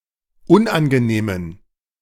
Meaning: inflection of unangenehm: 1. strong genitive masculine/neuter singular 2. weak/mixed genitive/dative all-gender singular 3. strong/weak/mixed accusative masculine singular 4. strong dative plural
- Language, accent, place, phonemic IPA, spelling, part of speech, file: German, Germany, Berlin, /ˈʊnʔanɡəˌneːmən/, unangenehmen, adjective, De-unangenehmen.ogg